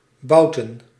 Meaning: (verb) to fart; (noun) plural of bout
- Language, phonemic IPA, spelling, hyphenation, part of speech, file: Dutch, /ˈbɑu̯.tə(n)/, bouten, bou‧ten, verb / noun, Nl-bouten.ogg